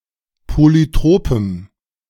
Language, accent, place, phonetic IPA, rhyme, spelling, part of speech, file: German, Germany, Berlin, [ˌpolyˈtʁoːpəm], -oːpəm, polytropem, adjective, De-polytropem.ogg
- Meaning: strong dative masculine/neuter singular of polytrop